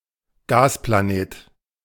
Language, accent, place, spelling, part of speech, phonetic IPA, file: German, Germany, Berlin, Gasplanet, noun, [ˈɡaːsplaˌneːt], De-Gasplanet.ogg
- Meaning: gas giant